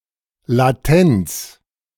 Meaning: latency
- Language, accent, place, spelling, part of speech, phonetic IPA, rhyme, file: German, Germany, Berlin, Latenz, noun, [laˈtɛnt͡s], -ɛnt͡s, De-Latenz.ogg